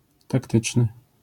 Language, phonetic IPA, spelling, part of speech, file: Polish, [takˈtɨt͡ʃnɨ], taktyczny, adjective, LL-Q809 (pol)-taktyczny.wav